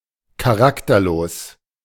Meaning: characterless
- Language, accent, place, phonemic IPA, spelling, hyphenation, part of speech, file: German, Germany, Berlin, /kaˈʁaktɐˌloːs/, charakterlos, cha‧rak‧ter‧los, adjective, De-charakterlos.ogg